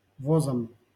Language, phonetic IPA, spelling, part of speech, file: Russian, [ˈvozəm], возом, noun, LL-Q7737 (rus)-возом.wav
- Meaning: instrumental singular of воз (voz)